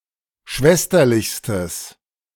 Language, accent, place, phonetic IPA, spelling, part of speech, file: German, Germany, Berlin, [ˈʃvɛstɐlɪçstəs], schwesterlichstes, adjective, De-schwesterlichstes.ogg
- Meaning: strong/mixed nominative/accusative neuter singular superlative degree of schwesterlich